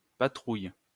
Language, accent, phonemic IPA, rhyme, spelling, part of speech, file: French, France, /pa.tʁuj/, -uj, patrouille, noun / verb, LL-Q150 (fra)-patrouille.wav
- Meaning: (noun) patrol; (verb) inflection of patrouiller: 1. first/third-person singular present indicative/subjunctive 2. second-person singular imperative